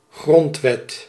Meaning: constitution
- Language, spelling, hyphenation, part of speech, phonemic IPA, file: Dutch, grondwet, grond‧wet, noun, /ˈɣrɔnt.ʋɛt/, Nl-grondwet.ogg